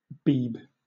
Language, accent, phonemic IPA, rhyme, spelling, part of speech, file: English, Southern England, /biːb/, -iːb, Beeb, proper noun / noun, LL-Q1860 (eng)-Beeb.wav
- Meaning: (proper noun) The BBC; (noun) A BBC Micro (British home computer)